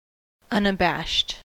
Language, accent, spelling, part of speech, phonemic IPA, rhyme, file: English, US, unabashed, adjective, /ˌʌnəˈbæʃt/, -æʃt, En-us-unabashed.ogg
- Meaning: 1. Not disconcerted or embarrassed 2. Of actions, emotions, facts, etc.: that are not concealed or disguised, or not eliciting shame